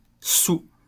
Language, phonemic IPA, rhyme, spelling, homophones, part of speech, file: French, /su/, -u, saoul, saouls / sou / sous, adjective, LL-Q150 (fra)-saoul.wav
- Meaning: 1. drunk 2. sated